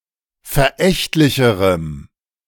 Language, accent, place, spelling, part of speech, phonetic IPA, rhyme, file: German, Germany, Berlin, verächtlicherem, adjective, [fɛɐ̯ˈʔɛçtlɪçəʁəm], -ɛçtlɪçəʁəm, De-verächtlicherem.ogg
- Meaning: strong dative masculine/neuter singular comparative degree of verächtlich